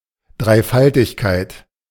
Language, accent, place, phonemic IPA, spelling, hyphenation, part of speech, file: German, Germany, Berlin, /dʁaɪ̯ˈfaltɪçˌkaɪ̯t/, Dreifaltigkeit, Drei‧fal‧tig‧keit, noun, De-Dreifaltigkeit.ogg
- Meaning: Trinity